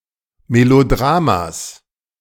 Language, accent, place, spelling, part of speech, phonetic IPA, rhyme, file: German, Germany, Berlin, Melodramas, noun, [meloˈdʁaːmas], -aːmas, De-Melodramas.ogg
- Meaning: genitive singular of Melodrama